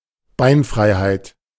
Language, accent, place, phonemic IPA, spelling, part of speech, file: German, Germany, Berlin, /ˈbaɪ̯nˌfʁaɪ̯haɪ̯t/, Beinfreiheit, noun, De-Beinfreiheit.ogg
- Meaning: legroom